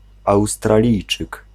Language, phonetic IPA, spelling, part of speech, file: Polish, [ˌawstraˈlʲijt͡ʃɨk], Australijczyk, noun, Pl-Australijczyk.ogg